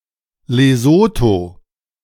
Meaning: Lesotho (a country in Southern Africa)
- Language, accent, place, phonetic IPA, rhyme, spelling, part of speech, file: German, Germany, Berlin, [leˈzoːto], -oːto, Lesotho, proper noun, De-Lesotho.ogg